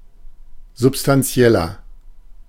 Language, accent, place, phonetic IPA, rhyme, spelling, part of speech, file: German, Germany, Berlin, [zʊpstanˈt͡si̯ɛlɐ], -ɛlɐ, substanzieller, adjective, De-substanzieller.ogg
- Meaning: 1. comparative degree of substanziell 2. inflection of substanziell: strong/mixed nominative masculine singular 3. inflection of substanziell: strong genitive/dative feminine singular